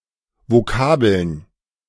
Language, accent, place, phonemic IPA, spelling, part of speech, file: German, Germany, Berlin, /voˈkaːbl̩n/, Vokabeln, noun, De-Vokabeln.ogg
- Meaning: plural of Vokabel